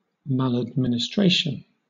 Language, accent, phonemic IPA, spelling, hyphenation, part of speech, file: English, Southern England, /ˌmælədˌmɪnɪˈstɹeɪʃn̩/, maladministration, mal‧ad‧min‧is‧trat‧ion, noun, LL-Q1860 (eng)-maladministration.wav
- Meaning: Faulty, improper, or inefficient administration or management, especially by a government body; (countable) an instance of this